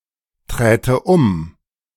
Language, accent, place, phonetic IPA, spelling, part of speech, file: German, Germany, Berlin, [ˌtʁɛːtə ˈʊm], träte um, verb, De-träte um.ogg
- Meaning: first/third-person singular subjunctive II of umtreten